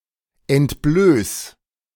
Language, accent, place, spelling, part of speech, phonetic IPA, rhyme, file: German, Germany, Berlin, entblöß, verb, [ɛntˈbløːs], -øːs, De-entblöß.ogg
- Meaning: 1. singular imperative of entblößen 2. first-person singular present of entblößen